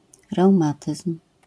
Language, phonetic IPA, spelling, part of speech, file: Polish, [rɛwˈmatɨsm̥], reumatyzm, noun, LL-Q809 (pol)-reumatyzm.wav